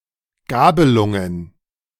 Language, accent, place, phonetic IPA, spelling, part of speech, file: German, Germany, Berlin, [ˈɡaːbəlʊŋən], Gabelungen, noun, De-Gabelungen.ogg
- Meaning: plural of Gabelung